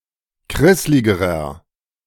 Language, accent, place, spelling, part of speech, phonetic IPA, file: German, Germany, Berlin, krissligerer, adjective, [ˈkʁɪslɪɡəʁɐ], De-krissligerer.ogg
- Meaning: inflection of krisslig: 1. strong/mixed nominative masculine singular comparative degree 2. strong genitive/dative feminine singular comparative degree 3. strong genitive plural comparative degree